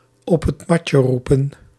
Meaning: to call on the carpet
- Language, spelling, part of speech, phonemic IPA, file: Dutch, op het matje roepen, verb, /ˌɔpɛtˈmɑcəˌrupə(n)/, Nl-op het matje roepen.ogg